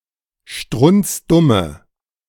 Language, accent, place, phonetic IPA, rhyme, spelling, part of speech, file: German, Germany, Berlin, [ˈʃtʁʊnt͡sˈdʊmə], -ʊmə, strunzdumme, adjective, De-strunzdumme.ogg
- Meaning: inflection of strunzdumm: 1. strong/mixed nominative/accusative feminine singular 2. strong nominative/accusative plural 3. weak nominative all-gender singular